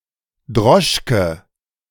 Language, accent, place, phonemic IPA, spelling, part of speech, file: German, Germany, Berlin, /ˈdʁɔʃkə/, Droschke, noun, De-Droschke.ogg
- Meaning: 1. droshky 2. fiacre, horse-drawn taxi 3. fiacre, horse-drawn taxi: taxi (in general, including motorized ones)